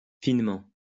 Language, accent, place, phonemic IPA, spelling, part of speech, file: French, France, Lyon, /fin.mɑ̃/, finement, adverb, LL-Q150 (fra)-finement.wav
- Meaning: finely; delicately